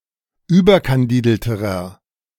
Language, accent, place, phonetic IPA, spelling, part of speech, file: German, Germany, Berlin, [ˈyːbɐkanˌdiːdl̩təʁɐ], überkandidelterer, adjective, De-überkandidelterer.ogg
- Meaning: inflection of überkandidelt: 1. strong/mixed nominative masculine singular comparative degree 2. strong genitive/dative feminine singular comparative degree